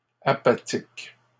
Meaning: plural of apathique
- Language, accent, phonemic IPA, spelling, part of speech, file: French, Canada, /a.pa.tik/, apathiques, adjective, LL-Q150 (fra)-apathiques.wav